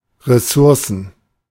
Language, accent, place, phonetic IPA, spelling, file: German, Germany, Berlin, [ʁɛˈsʊʁsn̩], Ressourcen, De-Ressourcen.ogg
- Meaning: plural of Ressource